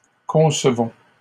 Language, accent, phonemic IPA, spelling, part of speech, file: French, Canada, /kɔ̃s.vɔ̃/, concevons, verb, LL-Q150 (fra)-concevons.wav
- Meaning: inflection of concevoir: 1. first-person plural present indicative 2. first-person plural imperative